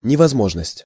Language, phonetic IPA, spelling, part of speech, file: Russian, [nʲɪvɐzˈmoʐnəsʲtʲ], невозможность, noun, Ru-невозможность.ogg
- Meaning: impossibility